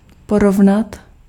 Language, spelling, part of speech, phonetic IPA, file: Czech, porovnat, verb, [ˈporovnat], Cs-porovnat.ogg
- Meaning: to compare